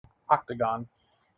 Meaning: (noun) 1. A polygon with eight sides and eight angles 2. An arena for mixed martial arts; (proper noun) (often capitalized) Any specific octagon (martial arts arena)
- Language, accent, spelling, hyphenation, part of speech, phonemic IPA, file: English, General American, octagon, oc‧ta‧gon, noun / proper noun, /ˈɑktəˌɡɑn/, En-us-octagon.mp3